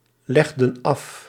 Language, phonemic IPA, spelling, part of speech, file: Dutch, /ˈlɛɣdə(n) ˈɑf/, legden af, verb, Nl-legden af.ogg
- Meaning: inflection of afleggen: 1. plural past indicative 2. plural past subjunctive